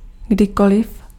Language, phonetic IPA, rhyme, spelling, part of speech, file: Czech, [ˈɡdɪkolɪf], -olɪf, kdykoliv, adverb, Cs-kdykoliv.ogg
- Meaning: alternative form of kdykoli